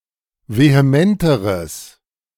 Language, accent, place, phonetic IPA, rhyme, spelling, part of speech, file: German, Germany, Berlin, [veheˈmɛntəʁəs], -ɛntəʁəs, vehementeres, adjective, De-vehementeres.ogg
- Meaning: strong/mixed nominative/accusative neuter singular comparative degree of vehement